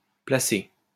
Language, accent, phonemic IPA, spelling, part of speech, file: French, France, /pla.se/, placé, verb, LL-Q150 (fra)-placé.wav
- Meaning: past participle of placer